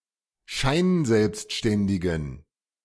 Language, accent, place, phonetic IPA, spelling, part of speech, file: German, Germany, Berlin, [ˈʃaɪ̯nˌzɛlpstʃtɛndɪɡn̩], scheinselbstständigen, adjective, De-scheinselbstständigen.ogg
- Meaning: inflection of scheinselbstständig: 1. strong genitive masculine/neuter singular 2. weak/mixed genitive/dative all-gender singular 3. strong/weak/mixed accusative masculine singular